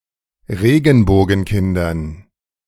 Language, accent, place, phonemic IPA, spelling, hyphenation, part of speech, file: German, Germany, Berlin, /ˈʁeːɡn̩boːɡn̩ˌkɪndɐn/, Regenbogenkindern, Re‧gen‧bo‧gen‧kin‧dern, noun, De-Regenbogenkindern.ogg
- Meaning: dative plural of Regenbogenkind